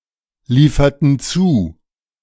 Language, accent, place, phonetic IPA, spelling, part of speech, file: German, Germany, Berlin, [ˌliːfɐtn̩ ˈt͡suː], lieferten zu, verb, De-lieferten zu.ogg
- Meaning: inflection of zuliefern: 1. first/third-person plural preterite 2. first/third-person plural subjunctive II